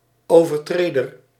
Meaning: someone who breaks a law or rule
- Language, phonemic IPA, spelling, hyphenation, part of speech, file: Dutch, /ˌoː.vərˈtreː.dər/, overtreder, over‧tre‧der, noun, Nl-overtreder.ogg